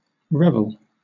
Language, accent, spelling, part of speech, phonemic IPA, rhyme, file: English, Southern England, revel, noun / verb, /ˈɹɛv.əl/, -ɛvəl, LL-Q1860 (eng)-revel.wav
- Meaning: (noun) 1. An instance of merrymaking; a celebration 2. A kind of dance 3. A wake for the dead; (verb) 1. To make merry; to have a happy, lively time 2. To take delight (in something)